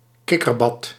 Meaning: shallow children's pool (at a swimming pool)
- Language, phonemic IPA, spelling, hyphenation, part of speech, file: Dutch, /ˈkɪ.kərˌbɑt/, kikkerbad, kik‧ker‧bad, noun, Nl-kikkerbad.ogg